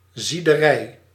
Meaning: a refinery that operates by boiling its resources
- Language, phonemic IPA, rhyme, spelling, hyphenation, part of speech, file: Dutch, /ˌzi.dəˈrɛi̯/, -ɛi̯, ziederij, zie‧de‧rij, noun, Nl-ziederij.ogg